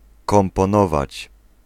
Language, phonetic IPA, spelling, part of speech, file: Polish, [ˌkɔ̃mpɔ̃ˈnɔvat͡ɕ], komponować, verb, Pl-komponować.ogg